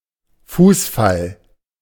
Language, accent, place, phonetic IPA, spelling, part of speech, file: German, Germany, Berlin, [ˈfuːsˌfal], Fußfall, noun, De-Fußfall.ogg
- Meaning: prostration